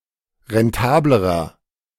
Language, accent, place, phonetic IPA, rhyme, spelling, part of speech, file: German, Germany, Berlin, [ʁɛnˈtaːbləʁɐ], -aːbləʁɐ, rentablerer, adjective, De-rentablerer.ogg
- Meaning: inflection of rentabel: 1. strong/mixed nominative masculine singular comparative degree 2. strong genitive/dative feminine singular comparative degree 3. strong genitive plural comparative degree